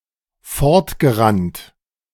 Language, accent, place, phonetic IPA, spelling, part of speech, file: German, Germany, Berlin, [ˈfɔʁtɡəˌʁant], fortgerannt, verb, De-fortgerannt.ogg
- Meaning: past participle of fortrennen